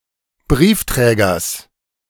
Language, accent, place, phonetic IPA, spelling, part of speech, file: German, Germany, Berlin, [ˈbʁiːfˌtʁɛːɡɐs], Briefträgers, noun, De-Briefträgers.ogg
- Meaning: genitive singular of Briefträger